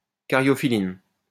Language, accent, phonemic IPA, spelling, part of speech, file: French, France, /ka.ʁjɔ.fi.lin/, caryophylline, noun, LL-Q150 (fra)-caryophylline.wav
- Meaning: caryophyllene